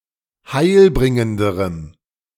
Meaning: strong dative masculine/neuter singular comparative degree of heilbringend
- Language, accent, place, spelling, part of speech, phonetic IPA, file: German, Germany, Berlin, heilbringenderem, adjective, [ˈhaɪ̯lˌbʁɪŋəndəʁəm], De-heilbringenderem.ogg